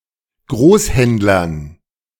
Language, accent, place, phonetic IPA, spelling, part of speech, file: German, Germany, Berlin, [ˈɡʁoːsˌhɛntlɐn], Großhändlern, noun, De-Großhändlern.ogg
- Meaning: dative plural of Großhändler